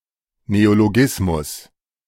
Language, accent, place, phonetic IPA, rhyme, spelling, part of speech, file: German, Germany, Berlin, [neoloˈɡɪsmʊs], -ɪsmʊs, Neologismus, noun, De-Neologismus.ogg
- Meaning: 1. neology 2. neologism